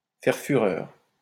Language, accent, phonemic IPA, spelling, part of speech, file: French, France, /fɛʁ fy.ʁœʁ/, faire fureur, verb, LL-Q150 (fra)-faire fureur.wav
- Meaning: to be all the rage, to be red hot